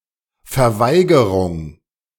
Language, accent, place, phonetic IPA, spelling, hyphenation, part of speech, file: German, Germany, Berlin, [fɛɐ̯ˈvaɪ̯ɡəʁʊŋ], Verweigerung, Ver‧wei‧ge‧rung, noun, De-Verweigerung.ogg
- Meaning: 1. refusal 2. denial